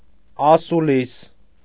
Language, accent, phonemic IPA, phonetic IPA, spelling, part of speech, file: Armenian, Eastern Armenian, /ɑsuˈlis/, [ɑsulís], ասուլիս, noun, Hy-ասուլիս.ogg
- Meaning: debate, conversation, talks